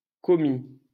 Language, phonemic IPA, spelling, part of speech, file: French, /kɔ.mi/, commis, adjective / noun / verb, LL-Q150 (fra)-commis.wav
- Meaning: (adjective) commercial; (noun) 1. clerk 2. shop assistant; salesclerk; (verb) 1. first/second-person singular past historic of commettre 2. past participle of commettre 3. masculine plural of commi